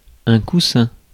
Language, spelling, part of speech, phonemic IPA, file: French, coussin, noun, /ku.sɛ̃/, Fr-coussin.ogg
- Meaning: cushion